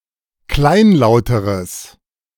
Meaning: strong/mixed nominative/accusative neuter singular comparative degree of kleinlaut
- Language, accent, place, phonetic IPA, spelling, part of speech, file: German, Germany, Berlin, [ˈklaɪ̯nˌlaʊ̯təʁəs], kleinlauteres, adjective, De-kleinlauteres.ogg